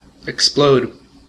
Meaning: 1. To fly apart with sudden violent force; to blow up, to burst, to detonate, to go off 2. To destroy with an explosion
- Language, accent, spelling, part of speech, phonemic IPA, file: English, US, explode, verb, /ɪkˈsploʊd/, En-us-explode.ogg